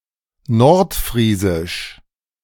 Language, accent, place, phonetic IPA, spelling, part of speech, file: German, Germany, Berlin, [ˈnɔʁtˌfʁiːzɪʃ], nordfriesisch, adjective, De-nordfriesisch.ogg
- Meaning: North Frisian (related to the North Frisians or to the North Frisian language)